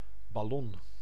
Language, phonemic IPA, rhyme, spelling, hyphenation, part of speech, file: Dutch, /bɑˈlɔn/, -ɔn, ballon, bal‧lon, noun, Nl-ballon.ogg
- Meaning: 1. balloon 2. hot-air balloon